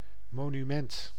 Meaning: monument
- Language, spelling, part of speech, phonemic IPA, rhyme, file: Dutch, monument, noun, /ˌmoːnyˈmɛnt/, -ɛnt, Nl-monument.ogg